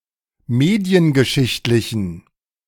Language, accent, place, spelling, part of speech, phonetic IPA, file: German, Germany, Berlin, mediengeschichtlichen, adjective, [ˈmeːdi̯ənɡəˌʃɪçtlɪçn̩], De-mediengeschichtlichen.ogg
- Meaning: inflection of mediengeschichtlich: 1. strong genitive masculine/neuter singular 2. weak/mixed genitive/dative all-gender singular 3. strong/weak/mixed accusative masculine singular